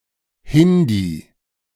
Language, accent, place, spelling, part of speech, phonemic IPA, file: German, Germany, Berlin, Hindi, proper noun / noun, /ˈhɪndiː/, De-Hindi2.ogg
- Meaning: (proper noun) the Hindi language; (noun) 1. Hindi speaker (male or of unspecified gender) 2. female Hindi speaker